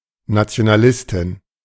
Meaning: a female nationalist
- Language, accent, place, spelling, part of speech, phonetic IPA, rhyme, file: German, Germany, Berlin, Nationalistin, noun, [nat͡si̯onaˈlɪstɪn], -ɪstɪn, De-Nationalistin.ogg